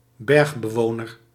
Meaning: mountain dweller
- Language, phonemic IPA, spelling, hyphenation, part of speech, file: Dutch, /ˈbɛrx.bəˌʋoː.nər/, bergbewoner, berg‧be‧wo‧ner, noun, Nl-bergbewoner.ogg